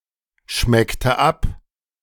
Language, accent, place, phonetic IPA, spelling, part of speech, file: German, Germany, Berlin, [ˌʃmɛktə ˈap], schmeckte ab, verb, De-schmeckte ab.ogg
- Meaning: inflection of abschmecken: 1. first/third-person singular preterite 2. first/third-person singular subjunctive II